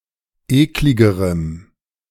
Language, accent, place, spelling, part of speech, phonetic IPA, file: German, Germany, Berlin, ekligerem, adjective, [ˈeːklɪɡəʁəm], De-ekligerem.ogg
- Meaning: strong dative masculine/neuter singular comparative degree of eklig